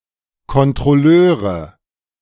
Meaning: nominative/accusative/genitive plural of Kontrolleur
- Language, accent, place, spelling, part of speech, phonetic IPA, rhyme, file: German, Germany, Berlin, Kontrolleure, noun, [kɔntʁɔˈløːʁə], -øːʁə, De-Kontrolleure.ogg